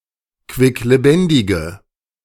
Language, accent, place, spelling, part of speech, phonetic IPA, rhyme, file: German, Germany, Berlin, quicklebendige, adjective, [kvɪkleˈbɛndɪɡə], -ɛndɪɡə, De-quicklebendige.ogg
- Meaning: inflection of quicklebendig: 1. strong/mixed nominative/accusative feminine singular 2. strong nominative/accusative plural 3. weak nominative all-gender singular